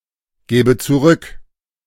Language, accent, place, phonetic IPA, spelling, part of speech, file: German, Germany, Berlin, [ˌɡeːbə t͡suˈʁʏk], gebe zurück, verb, De-gebe zurück.ogg
- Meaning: inflection of zurückgeben: 1. first-person singular present 2. first/third-person singular subjunctive I